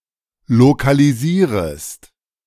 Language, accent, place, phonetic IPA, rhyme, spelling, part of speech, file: German, Germany, Berlin, [lokaliˈziːʁəst], -iːʁəst, lokalisierest, verb, De-lokalisierest.ogg
- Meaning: second-person singular subjunctive I of lokalisieren